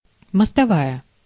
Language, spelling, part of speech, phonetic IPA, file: Russian, мостовая, noun, [məstɐˈvajə], Ru-мостовая.ogg
- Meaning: 1. roadway, carriage way 2. pavement